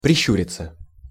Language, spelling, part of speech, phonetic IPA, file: Russian, прищуриться, verb, [prʲɪˈɕːʉrʲɪt͡sə], Ru-прищуриться.ogg
- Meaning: 1. to squint 2. passive of прищу́рить (priščúritʹ)